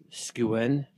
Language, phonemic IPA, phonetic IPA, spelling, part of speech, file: Welsh, /ˈsɡiu̯.ɛn/, [ˈskiu̯.ɛn], sgiwen, noun, Sgiwen.ogg
- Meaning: skua